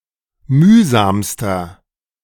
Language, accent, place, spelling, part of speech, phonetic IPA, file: German, Germany, Berlin, mühsamster, adjective, [ˈmyːzaːmstɐ], De-mühsamster.ogg
- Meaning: inflection of mühsam: 1. strong/mixed nominative masculine singular superlative degree 2. strong genitive/dative feminine singular superlative degree 3. strong genitive plural superlative degree